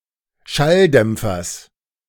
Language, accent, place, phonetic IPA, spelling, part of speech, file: German, Germany, Berlin, [ˈʃalˌdɛmp͡fɐs], Schalldämpfers, noun, De-Schalldämpfers.ogg
- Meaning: genitive singular of Schalldämpfer